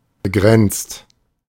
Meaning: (verb) past participle of begrenzen; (adjective) 1. confined, limited, restricted 2. narrow; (verb) inflection of begrenzen: 1. second/third-person singular present 2. second-person plural present
- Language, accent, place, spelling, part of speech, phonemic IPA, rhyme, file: German, Germany, Berlin, begrenzt, verb / adjective, /bəˈɡʁɛnt͡st/, -ɛnt͡st, De-begrenzt.ogg